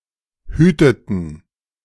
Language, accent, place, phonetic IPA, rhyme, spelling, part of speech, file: German, Germany, Berlin, [ˈhyːtətn̩], -yːtətn̩, hüteten, verb, De-hüteten.ogg
- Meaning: inflection of hüten: 1. first/third-person plural preterite 2. first/third-person plural subjunctive II